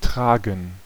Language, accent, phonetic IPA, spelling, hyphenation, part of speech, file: German, Germany, [ˈtʰʁ̥aːɡŋ̩], tragen, tra‧gen, verb, De-tragen.ogg
- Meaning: 1. to carry, to bear (something on one's person) 2. to bear, to carry (responsibility, blame, a name, a title, etc.) 3. to bear, to (have to) pay (for) (costs, expenses, losses, etc.)